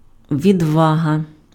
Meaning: bravery, valour, courage
- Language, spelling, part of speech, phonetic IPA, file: Ukrainian, відвага, noun, [ʋʲidˈʋaɦɐ], Uk-відвага.ogg